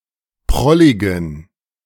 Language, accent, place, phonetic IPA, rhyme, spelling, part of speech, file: German, Germany, Berlin, [ˈpʁɔlɪɡn̩], -ɔlɪɡn̩, prolligen, adjective, De-prolligen.ogg
- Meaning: inflection of prollig: 1. strong genitive masculine/neuter singular 2. weak/mixed genitive/dative all-gender singular 3. strong/weak/mixed accusative masculine singular 4. strong dative plural